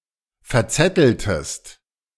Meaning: inflection of verzetteln: 1. second-person singular preterite 2. second-person singular subjunctive II
- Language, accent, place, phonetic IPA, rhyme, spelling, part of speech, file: German, Germany, Berlin, [fɛɐ̯ˈt͡sɛtl̩təst], -ɛtl̩təst, verzetteltest, verb, De-verzetteltest.ogg